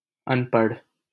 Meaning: 1. illiterate 2. uneducated
- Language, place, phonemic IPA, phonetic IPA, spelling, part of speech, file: Hindi, Delhi, /ən.pəɽʱ/, [ɐ̃n.pɐɽʱ], अनपढ़, adjective, LL-Q1568 (hin)-अनपढ़.wav